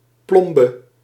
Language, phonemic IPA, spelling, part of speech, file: Dutch, /ˈplɔmbə/, plombe, noun, Nl-plombe.ogg
- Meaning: 1. lead seal 2. filling